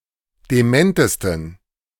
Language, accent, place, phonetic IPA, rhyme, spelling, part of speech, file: German, Germany, Berlin, [deˈmɛntəstn̩], -ɛntəstn̩, dementesten, adjective, De-dementesten.ogg
- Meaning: 1. superlative degree of dement 2. inflection of dement: strong genitive masculine/neuter singular superlative degree